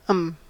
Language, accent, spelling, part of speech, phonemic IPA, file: English, US, 'em, pronoun, /əm/, En-us-'em.ogg
- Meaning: Them (now only in unstressed position)